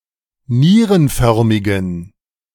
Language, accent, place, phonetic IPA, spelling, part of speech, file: German, Germany, Berlin, [ˈniːʁənˌfœʁmɪɡn̩], nierenförmigen, adjective, De-nierenförmigen.ogg
- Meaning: inflection of nierenförmig: 1. strong genitive masculine/neuter singular 2. weak/mixed genitive/dative all-gender singular 3. strong/weak/mixed accusative masculine singular 4. strong dative plural